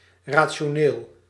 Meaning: 1. rational, reasonable (pertaining to reason, by means of reason) 2. rational (pertaining to ratios, fractional)
- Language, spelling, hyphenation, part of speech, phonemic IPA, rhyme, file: Dutch, rationeel, ra‧ti‧o‧neel, adjective, /ˌraː.(t)ʃoːˈneːl/, -eːl, Nl-rationeel.ogg